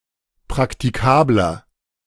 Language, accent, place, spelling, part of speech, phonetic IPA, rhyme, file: German, Germany, Berlin, praktikabler, adjective, [pʁaktiˈkaːblɐ], -aːblɐ, De-praktikabler.ogg
- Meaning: 1. comparative degree of praktikabel 2. inflection of praktikabel: strong/mixed nominative masculine singular 3. inflection of praktikabel: strong genitive/dative feminine singular